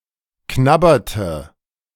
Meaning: inflection of knabbern: 1. first/third-person singular preterite 2. first/third-person singular subjunctive II
- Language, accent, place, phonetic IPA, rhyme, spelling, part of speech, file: German, Germany, Berlin, [ˈknabɐtə], -abɐtə, knabberte, verb, De-knabberte.ogg